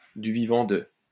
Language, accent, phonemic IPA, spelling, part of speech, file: French, France, /dy vi.vɑ̃ də/, du vivant de, preposition, LL-Q150 (fra)-du vivant de.wav
- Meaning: during the lifetime of (someone), in (someone)'s lifetime, when (someone) was alive